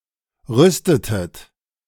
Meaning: inflection of rüsten: 1. second-person plural preterite 2. second-person plural subjunctive II
- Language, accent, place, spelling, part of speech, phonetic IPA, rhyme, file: German, Germany, Berlin, rüstetet, verb, [ˈʁʏstətət], -ʏstətət, De-rüstetet.ogg